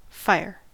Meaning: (noun) A (usually self-sustaining) chemical reaction involving the bonding of oxygen with carbon or other fuel, with the production of heat and the presence of flame or smouldering
- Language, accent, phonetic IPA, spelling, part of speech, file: English, General American, [ˈfa̠jɚ], fire, noun / adjective / verb / interjection, En-us-fire.ogg